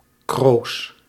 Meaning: duckweed
- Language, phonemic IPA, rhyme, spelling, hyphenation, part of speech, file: Dutch, /kroːs/, -oːs, kroos, kroos, noun, Nl-kroos.ogg